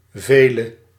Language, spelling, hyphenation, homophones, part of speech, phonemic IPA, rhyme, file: Dutch, vele, ve‧le, Veele, pronoun / determiner / verb, /ˈveː.lə/, -eːlə, Nl-vele.ogg
- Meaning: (pronoun) alternative form of veel (“many”); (determiner) inflection of veel: 1. definite attributive 2. plural attributive; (verb) singular present subjunctive of velen